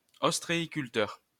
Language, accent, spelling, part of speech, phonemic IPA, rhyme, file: French, France, ostréiculteur, noun, /ɔs.tʁe.i.kyl.tœʁ/, -œʁ, LL-Q150 (fra)-ostréiculteur.wav
- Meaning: oyster farmer